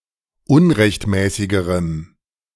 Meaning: strong dative masculine/neuter singular comparative degree of unrechtmäßig
- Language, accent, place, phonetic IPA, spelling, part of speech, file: German, Germany, Berlin, [ˈʊnʁɛçtˌmɛːsɪɡəʁəm], unrechtmäßigerem, adjective, De-unrechtmäßigerem.ogg